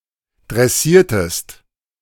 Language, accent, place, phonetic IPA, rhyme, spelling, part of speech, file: German, Germany, Berlin, [dʁɛˈsiːɐ̯təst], -iːɐ̯təst, dressiertest, verb, De-dressiertest.ogg
- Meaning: inflection of dressieren: 1. second-person singular preterite 2. second-person singular subjunctive II